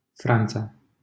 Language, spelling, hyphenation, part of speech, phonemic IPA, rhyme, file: Romanian, Franța, Fran‧ța, proper noun, /ˈfran.t͡sa/, -ant͡sa, LL-Q7913 (ron)-Franța.wav
- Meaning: France (a country located primarily in Western Europe)